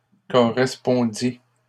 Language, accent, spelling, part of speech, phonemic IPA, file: French, Canada, correspondit, verb, /kɔ.ʁɛs.pɔ̃.di/, LL-Q150 (fra)-correspondit.wav
- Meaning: third-person singular past historic of correspondre